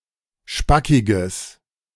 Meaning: strong/mixed nominative/accusative neuter singular of spackig
- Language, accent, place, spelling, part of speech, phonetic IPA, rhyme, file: German, Germany, Berlin, spackiges, adjective, [ˈʃpakɪɡəs], -akɪɡəs, De-spackiges.ogg